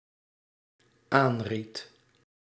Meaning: singular dependent-clause past indicative of aanraden
- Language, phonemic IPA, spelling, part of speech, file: Dutch, /ˈanrit/, aanried, verb, Nl-aanried.ogg